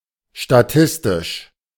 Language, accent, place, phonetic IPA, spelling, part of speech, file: German, Germany, Berlin, [ʃtaˈtɪstɪʃ], statistisch, adjective, De-statistisch.ogg
- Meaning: statistical